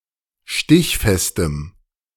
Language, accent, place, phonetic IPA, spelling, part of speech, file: German, Germany, Berlin, [ˈʃtɪçfɛstəm], stichfestem, adjective, De-stichfestem.ogg
- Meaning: strong dative masculine/neuter singular of stichfest